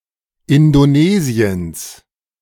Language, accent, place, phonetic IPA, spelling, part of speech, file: German, Germany, Berlin, [ɪndoˈneːziəns], Indonesiens, noun, De-Indonesiens.ogg
- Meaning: dative singular of Indonesien